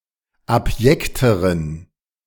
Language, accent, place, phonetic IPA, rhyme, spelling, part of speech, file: German, Germany, Berlin, [apˈjɛktəʁən], -ɛktəʁən, abjekteren, adjective, De-abjekteren.ogg
- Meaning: inflection of abjekt: 1. strong genitive masculine/neuter singular comparative degree 2. weak/mixed genitive/dative all-gender singular comparative degree